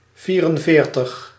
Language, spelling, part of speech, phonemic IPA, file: Dutch, vierenveertig, numeral, /ˈviːrənˌveːrtəx/, Nl-vierenveertig.ogg
- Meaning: forty-four